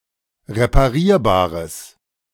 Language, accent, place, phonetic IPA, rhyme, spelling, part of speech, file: German, Germany, Berlin, [ʁepaˈʁiːɐ̯baːʁəs], -iːɐ̯baːʁəs, reparierbares, adjective, De-reparierbares.ogg
- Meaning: strong/mixed nominative/accusative neuter singular of reparierbar